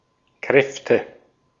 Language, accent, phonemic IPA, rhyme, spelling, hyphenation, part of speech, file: German, Austria, /ˈkʁɛftə/, -ɛftə, Kräfte, Kräf‧te, noun, De-at-Kräfte.ogg
- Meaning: nominative/accusative/genitive plural of Kraft (“forces”)